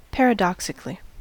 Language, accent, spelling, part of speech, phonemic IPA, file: English, US, paradoxically, adverb, /ˌpɛɹəˈdɑksɪkli/, En-us-paradoxically.ogg
- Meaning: In a paradoxical manner; so as to create a paradox